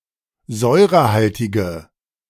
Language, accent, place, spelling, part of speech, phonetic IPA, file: German, Germany, Berlin, säurehaltige, adjective, [ˈzɔɪ̯ʁəˌhaltɪɡə], De-säurehaltige.ogg
- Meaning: inflection of säurehaltig: 1. strong/mixed nominative/accusative feminine singular 2. strong nominative/accusative plural 3. weak nominative all-gender singular